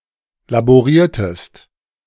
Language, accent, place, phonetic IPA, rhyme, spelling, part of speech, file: German, Germany, Berlin, [laboˈʁiːɐ̯təst], -iːɐ̯təst, laboriertest, verb, De-laboriertest.ogg
- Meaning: inflection of laborieren: 1. second-person singular preterite 2. second-person singular subjunctive II